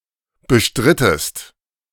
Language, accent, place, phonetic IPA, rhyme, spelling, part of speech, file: German, Germany, Berlin, [bəˈʃtʁɪtəst], -ɪtəst, bestrittest, verb, De-bestrittest.ogg
- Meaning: inflection of bestreiten: 1. second-person singular preterite 2. second-person singular subjunctive II